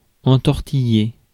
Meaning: 1. to wrap around, to twist around, to envelop 2. to win over, to persuade especially with tricks 3. to muddle up (one's explanation) 4. to get tangled up, to get entangled
- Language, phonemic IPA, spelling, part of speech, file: French, /ɑ̃.tɔʁ.ti.je/, entortiller, verb, Fr-entortiller.ogg